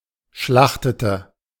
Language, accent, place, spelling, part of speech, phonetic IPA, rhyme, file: German, Germany, Berlin, schlachtete, verb, [ˈʃlaxtətə], -axtətə, De-schlachtete.ogg
- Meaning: inflection of schlachten: 1. first/third-person singular preterite 2. first/third-person singular subjunctive II